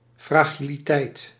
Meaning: fragility
- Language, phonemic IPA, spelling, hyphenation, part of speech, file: Dutch, /fraːˌɣi.liˈtɛi̯t/, fragiliteit, fra‧gi‧li‧teit, noun, Nl-fragiliteit.ogg